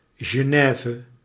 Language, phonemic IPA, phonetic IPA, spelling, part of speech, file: Dutch, /zjəˈnɛːvə/, [ʒəˈnɛːvə], Genève, proper noun, Nl-Genève.ogg
- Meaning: 1. Geneva (a city in Switzerland) 2. Geneva (a canton of Switzerland)